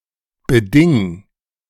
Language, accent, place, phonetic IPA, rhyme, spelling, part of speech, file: German, Germany, Berlin, [bəˈdɪŋ], -ɪŋ, beding, verb, De-beding.ogg
- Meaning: 1. singular imperative of bedingen 2. first-person singular present of bedingen